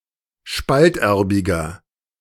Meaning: inflection of spalterbig: 1. strong/mixed nominative masculine singular 2. strong genitive/dative feminine singular 3. strong genitive plural
- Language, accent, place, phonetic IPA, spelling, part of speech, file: German, Germany, Berlin, [ˈʃpaltˌʔɛʁbɪɡɐ], spalterbiger, adjective, De-spalterbiger.ogg